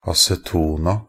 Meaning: definite plural of aceton
- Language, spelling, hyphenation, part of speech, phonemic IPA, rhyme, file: Norwegian Bokmål, acetona, a‧ce‧to‧na, noun, /asɛˈtuːna/, -uːna, Nb-acetona.ogg